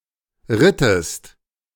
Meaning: inflection of reiten: 1. second-person singular preterite 2. second-person singular subjunctive II
- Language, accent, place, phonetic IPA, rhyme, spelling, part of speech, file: German, Germany, Berlin, [ˈʁɪtəst], -ɪtəst, rittest, verb, De-rittest.ogg